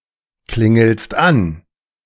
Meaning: second-person singular present of anklingeln
- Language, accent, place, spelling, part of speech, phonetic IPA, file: German, Germany, Berlin, klingelst an, verb, [ˌklɪŋl̩st ˈan], De-klingelst an.ogg